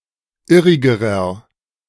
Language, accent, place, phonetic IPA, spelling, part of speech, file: German, Germany, Berlin, [ˈɪʁɪɡəʁɐ], irrigerer, adjective, De-irrigerer.ogg
- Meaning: inflection of irrig: 1. strong/mixed nominative masculine singular comparative degree 2. strong genitive/dative feminine singular comparative degree 3. strong genitive plural comparative degree